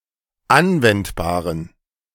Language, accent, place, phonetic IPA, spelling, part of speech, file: German, Germany, Berlin, [ˈanvɛntbaːʁən], anwendbaren, adjective, De-anwendbaren.ogg
- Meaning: inflection of anwendbar: 1. strong genitive masculine/neuter singular 2. weak/mixed genitive/dative all-gender singular 3. strong/weak/mixed accusative masculine singular 4. strong dative plural